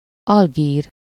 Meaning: Algiers (the capital city of Algeria)
- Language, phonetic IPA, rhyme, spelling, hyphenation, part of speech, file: Hungarian, [ˈɒlɡiːr], -iːr, Algír, Al‧gír, proper noun, Hu-Algír.ogg